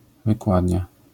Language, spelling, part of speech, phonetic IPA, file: Polish, wykładnia, noun, [vɨˈkwadʲɲa], LL-Q809 (pol)-wykładnia.wav